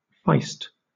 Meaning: 1. A small, snappy, belligerent mixed-breed dog; a feist dog 2. Feisty behavior 3. Silent (but pungent) flatulence
- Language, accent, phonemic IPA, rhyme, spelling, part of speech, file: English, Southern England, /faɪst/, -aɪst, feist, noun, LL-Q1860 (eng)-feist.wav